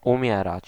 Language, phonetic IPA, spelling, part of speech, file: Polish, [ũˈmʲjɛrat͡ɕ], umierać, verb, Pl-umierać.ogg